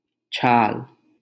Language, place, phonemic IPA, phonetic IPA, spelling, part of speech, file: Hindi, Delhi, /t͡ʃʰɑːl/, [t͡ʃʰäːl], छाल, noun, LL-Q1568 (hin)-छाल.wav
- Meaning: skin, bark, rind